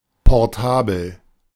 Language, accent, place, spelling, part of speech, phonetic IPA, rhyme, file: German, Germany, Berlin, portabel, adjective, [pɔʁˈtaːbl̩], -aːbl̩, De-portabel.ogg
- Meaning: portable